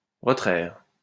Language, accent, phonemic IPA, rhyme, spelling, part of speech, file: French, France, /ʁə.tʁɛʁ/, -ɛʁ, retraire, verb, LL-Q150 (fra)-retraire.wav
- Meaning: to withdraw; to take out